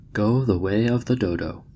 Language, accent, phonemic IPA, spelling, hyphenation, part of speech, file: English, General American, /ˈɡoʊ ðə ˌweɪ ə(v)ðə ˈdoʊˌdoʊ/, go the way of the dodo, go the way of the do‧do, verb, En-us-go the way of the dodo.oga
- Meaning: To go extinct or become obsolete or defunct; to fall out of common practice or use; to become a thing of the past